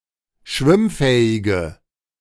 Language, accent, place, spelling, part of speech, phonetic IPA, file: German, Germany, Berlin, schwimmfähige, adjective, [ˈʃvɪmˌfɛːɪɡə], De-schwimmfähige.ogg
- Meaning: inflection of schwimmfähig: 1. strong/mixed nominative/accusative feminine singular 2. strong nominative/accusative plural 3. weak nominative all-gender singular